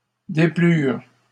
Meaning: third-person plural past historic of déplaire
- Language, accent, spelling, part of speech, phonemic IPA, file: French, Canada, déplurent, verb, /de.plyʁ/, LL-Q150 (fra)-déplurent.wav